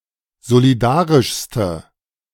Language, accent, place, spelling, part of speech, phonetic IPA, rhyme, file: German, Germany, Berlin, solidarischste, adjective, [zoliˈdaːʁɪʃstə], -aːʁɪʃstə, De-solidarischste.ogg
- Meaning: inflection of solidarisch: 1. strong/mixed nominative/accusative feminine singular superlative degree 2. strong nominative/accusative plural superlative degree